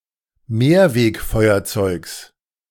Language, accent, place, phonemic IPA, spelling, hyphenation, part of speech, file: German, Germany, Berlin, /ˈmeːɐ̯ˌveːkˌfɔɪ̯ɐt͡sɔɪ̯ks/, Mehrwegfeuerzeugs, Mehr‧weg‧feu‧er‧zeugs, noun, De-Mehrwegfeuerzeugs.ogg
- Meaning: genitive singular of Mehrwegfeuerzeug